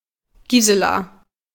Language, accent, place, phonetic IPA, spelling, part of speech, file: German, Germany, Berlin, [ˈɡiːzəla], Gisela, proper noun, De-Gisela.ogg
- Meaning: a female given name, equivalent to English Giselle